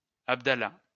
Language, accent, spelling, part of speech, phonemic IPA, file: French, France, Abdallah, proper noun, /ab.da.la/, LL-Q150 (fra)-Abdallah.wav
- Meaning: Abdallah